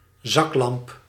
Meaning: flashlight, torch (battery-powered hand-held lightsource)
- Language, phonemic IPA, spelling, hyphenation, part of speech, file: Dutch, /ˈzɑklɑmp/, zaklamp, zak‧lamp, noun, Nl-zaklamp.ogg